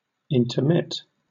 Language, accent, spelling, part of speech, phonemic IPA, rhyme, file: English, Southern England, intermit, verb, /ɪntəˈmɪt/, -ɪt, LL-Q1860 (eng)-intermit.wav
- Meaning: To interrupt, to stop or cease temporarily or periodically; to suspend